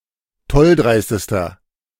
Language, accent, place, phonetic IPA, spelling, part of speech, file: German, Germany, Berlin, [ˈtɔlˌdʁaɪ̯stəstɐ], tolldreistester, adjective, De-tolldreistester.ogg
- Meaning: inflection of tolldreist: 1. strong/mixed nominative masculine singular superlative degree 2. strong genitive/dative feminine singular superlative degree 3. strong genitive plural superlative degree